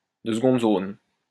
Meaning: second-rate, second-class, inferior
- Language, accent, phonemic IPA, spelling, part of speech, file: French, France, /də s(ə).ɡɔ̃d zon/, de seconde zone, adjective, LL-Q150 (fra)-de seconde zone.wav